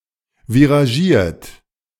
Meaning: monochrome
- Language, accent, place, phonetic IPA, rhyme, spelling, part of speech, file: German, Germany, Berlin, [viʁaˈʒiːɐ̯t], -iːɐ̯t, viragiert, adjective, De-viragiert.ogg